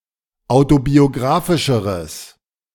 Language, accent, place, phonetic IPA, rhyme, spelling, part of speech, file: German, Germany, Berlin, [ˌaʊ̯tobioˈɡʁaːfɪʃəʁəs], -aːfɪʃəʁəs, autobiographischeres, adjective, De-autobiographischeres.ogg
- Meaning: strong/mixed nominative/accusative neuter singular comparative degree of autobiographisch